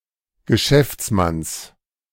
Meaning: genitive of Geschäftsmann
- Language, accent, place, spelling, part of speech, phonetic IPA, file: German, Germany, Berlin, Geschäftsmanns, noun, [ɡəˈʃɛft͡sˌmans], De-Geschäftsmanns.ogg